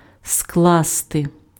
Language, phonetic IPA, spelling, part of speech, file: Ukrainian, [ˈskɫaste], скласти, verb, Uk-скласти.ogg
- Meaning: 1. to lay together, to put together, to assemble 2. to fold 3. to add up, to sum up, to tot up, to aggregate 4. to constitute, to draw up, to compose (:document, plan) 5. to compose (:poem, work)